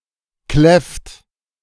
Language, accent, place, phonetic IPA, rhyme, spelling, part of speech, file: German, Germany, Berlin, [klɛft], -ɛft, kläfft, verb, De-kläfft.ogg
- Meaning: inflection of kläffen: 1. third-person singular present 2. second-person plural present 3. plural imperative